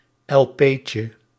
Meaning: diminutive of elpee
- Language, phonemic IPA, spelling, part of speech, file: Dutch, /ɛlˈpecə/, elpeetje, noun, Nl-elpeetje.ogg